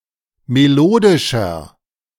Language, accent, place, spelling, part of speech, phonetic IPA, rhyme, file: German, Germany, Berlin, melodischer, adjective, [meˈloːdɪʃɐ], -oːdɪʃɐ, De-melodischer.ogg
- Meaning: 1. comparative degree of melodisch 2. inflection of melodisch: strong/mixed nominative masculine singular 3. inflection of melodisch: strong genitive/dative feminine singular